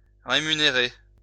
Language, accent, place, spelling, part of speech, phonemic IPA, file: French, France, Lyon, rémunérer, verb, /ʁe.my.ne.ʁe/, LL-Q150 (fra)-rémunérer.wav
- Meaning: to remunerate; pay back